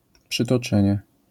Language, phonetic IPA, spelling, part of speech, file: Polish, [ˌpʃɨtɔˈt͡ʃɛ̃ɲɛ], przytoczenie, noun, LL-Q809 (pol)-przytoczenie.wav